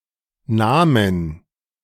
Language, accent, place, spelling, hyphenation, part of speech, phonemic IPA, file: German, Germany, Berlin, Nährmutter, Nähr‧mut‧ter, noun, /ˈnɛːɐ̯ˌmʊtɐ/, De-Nährmutter.ogg
- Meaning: foster mother